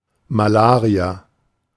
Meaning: malaria
- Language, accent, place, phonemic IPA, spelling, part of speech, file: German, Germany, Berlin, /maˈlaːʁia/, Malaria, noun, De-Malaria.ogg